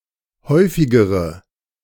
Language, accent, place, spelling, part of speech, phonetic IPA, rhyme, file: German, Germany, Berlin, häufigere, adjective, [ˈhɔɪ̯fɪɡəʁə], -ɔɪ̯fɪɡəʁə, De-häufigere.ogg
- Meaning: inflection of häufig: 1. strong/mixed nominative/accusative feminine singular comparative degree 2. strong nominative/accusative plural comparative degree